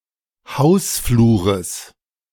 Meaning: genitive singular of Hausflur
- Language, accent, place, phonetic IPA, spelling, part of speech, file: German, Germany, Berlin, [ˈhaʊ̯sˌfluːʁəs], Hausflures, noun, De-Hausflures.ogg